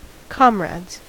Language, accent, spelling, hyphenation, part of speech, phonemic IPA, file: English, US, comrades, com‧rades, noun / verb, /ˈkɑmɹædz/, En-us-comrades.ogg
- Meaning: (noun) plural of comrade; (verb) third-person singular simple present indicative of comrade